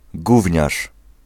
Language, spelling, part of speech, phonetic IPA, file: Polish, gówniarz, noun, [ˈɡuvʲɲaʃ], Pl-gówniarz.ogg